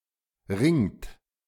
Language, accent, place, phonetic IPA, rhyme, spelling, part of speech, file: German, Germany, Berlin, [ʁɪŋt], -ɪŋt, ringt, verb, De-ringt.ogg
- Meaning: inflection of ringen: 1. third-person singular present 2. second-person plural present 3. plural imperative